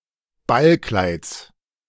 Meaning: genitive singular of Ballkleid
- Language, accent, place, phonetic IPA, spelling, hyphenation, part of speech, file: German, Germany, Berlin, [ˈbalˌklaɪ̯t͡s], Ballkleids, Ball‧kleids, noun, De-Ballkleids.ogg